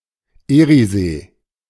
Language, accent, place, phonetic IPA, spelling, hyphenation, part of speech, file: German, Germany, Berlin, [ˈiːʁiˌzeː], Eriesee, Erie‧see, proper noun, De-Eriesee.ogg
- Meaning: Erie